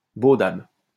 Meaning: synonym of beau-père
- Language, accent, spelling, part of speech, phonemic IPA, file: French, France, beau-dabe, noun, /bo.dab/, LL-Q150 (fra)-beau-dabe.wav